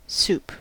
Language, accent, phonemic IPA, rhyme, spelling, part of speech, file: English, General American, /sup/, -uːp, soup, noun / verb, En-us-soup.ogg
- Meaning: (noun) Any of various dishes commonly made by combining liquids, such as water or stock, with other ingredients, such as meat and vegetables, that contribute the food value, flavor, and texture